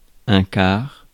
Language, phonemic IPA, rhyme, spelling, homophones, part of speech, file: French, /kaʁ/, -aʁ, quart, car, adjective / noun, Fr-quart.ogg
- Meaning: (adjective) fourth; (noun) 1. quarter, fourth (fraction) 2. shift (period of work)